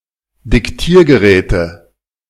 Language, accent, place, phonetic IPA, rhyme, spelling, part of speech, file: German, Germany, Berlin, [dɪkˈtiːɐ̯ɡəˌʁɛːtə], -iːɐ̯ɡəʁɛːtə, Diktiergeräte, noun, De-Diktiergeräte.ogg
- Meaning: nominative/accusative/genitive plural of Diktiergerät